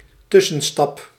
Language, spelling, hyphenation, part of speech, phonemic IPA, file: Dutch, tussenstap, tus‧sen‧stap, noun, /ˈtʏ.sə(n)ˌstɑp/, Nl-tussenstap.ogg
- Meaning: intermediate step